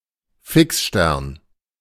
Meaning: fixed star
- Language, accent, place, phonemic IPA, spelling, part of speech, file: German, Germany, Berlin, /ˈfɪksˌʃtɛʁn/, Fixstern, noun, De-Fixstern.ogg